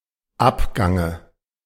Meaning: dative singular of Abgang
- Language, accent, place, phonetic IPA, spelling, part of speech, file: German, Germany, Berlin, [ˈapˌɡaŋə], Abgange, noun, De-Abgange.ogg